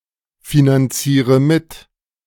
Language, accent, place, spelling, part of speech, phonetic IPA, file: German, Germany, Berlin, finanziere mit, verb, [finanˌt͡siːʁə ˈmɪt], De-finanziere mit.ogg
- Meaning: inflection of mitfinanzieren: 1. first-person singular present 2. first/third-person singular subjunctive I 3. singular imperative